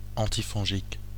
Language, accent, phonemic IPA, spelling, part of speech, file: French, Belgium, /ɑ̃.ti.fɔ̃.ʒik/, antifongique, adjective / noun, Fr-Antifongique.oga
- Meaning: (adjective) antifungal, antimycotic